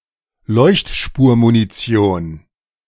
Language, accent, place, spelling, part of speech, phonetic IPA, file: German, Germany, Berlin, Leuchtspurmunition, noun, [ˈlɔɪ̯çtʃpuːɐ̯muniˌt͡si̯oːn], De-Leuchtspurmunition.ogg
- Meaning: tracer ammunition